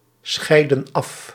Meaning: inflection of afscheiden: 1. plural past indicative 2. plural past subjunctive
- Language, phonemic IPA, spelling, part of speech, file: Dutch, /ˈsxɛidə(n) ˈɑf/, scheidden af, verb, Nl-scheidden af.ogg